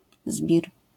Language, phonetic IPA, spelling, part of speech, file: Polish, [zbʲir], zbir, noun, LL-Q809 (pol)-zbir.wav